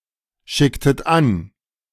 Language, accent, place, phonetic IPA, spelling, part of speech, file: German, Germany, Berlin, [ˌʃɪktət ˈan], schicktet an, verb, De-schicktet an.ogg
- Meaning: inflection of anschicken: 1. second-person plural preterite 2. second-person plural subjunctive II